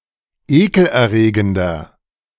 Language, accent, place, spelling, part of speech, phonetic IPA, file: German, Germany, Berlin, ekelerregender, adjective, [ˈeːkl̩ʔɛɐ̯ˌʁeːɡəndɐ], De-ekelerregender.ogg
- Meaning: 1. comparative degree of ekelerregend 2. inflection of ekelerregend: strong/mixed nominative masculine singular 3. inflection of ekelerregend: strong genitive/dative feminine singular